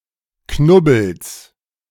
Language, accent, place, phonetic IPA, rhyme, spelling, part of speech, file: German, Germany, Berlin, [ˈknʊbl̩s], -ʊbl̩s, Knubbels, noun, De-Knubbels.ogg
- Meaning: genitive singular of Knubbel